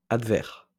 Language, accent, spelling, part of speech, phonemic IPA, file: French, France, advers, adjective, /ad.vɛʁ/, LL-Q150 (fra)-advers.wav
- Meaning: adverse